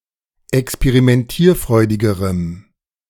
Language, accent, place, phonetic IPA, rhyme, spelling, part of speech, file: German, Germany, Berlin, [ɛkspeʁimɛnˈtiːɐ̯ˌfʁɔɪ̯dɪɡəʁəm], -iːɐ̯fʁɔɪ̯dɪɡəʁəm, experimentierfreudigerem, adjective, De-experimentierfreudigerem.ogg
- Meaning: strong dative masculine/neuter singular comparative degree of experimentierfreudig